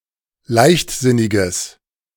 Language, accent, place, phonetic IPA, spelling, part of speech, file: German, Germany, Berlin, [ˈlaɪ̯çtˌzɪnɪɡəs], leichtsinniges, adjective, De-leichtsinniges.ogg
- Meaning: strong/mixed nominative/accusative neuter singular of leichtsinnig